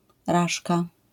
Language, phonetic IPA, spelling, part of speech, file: Polish, [ˈraʃka], raszka, noun, LL-Q809 (pol)-raszka.wav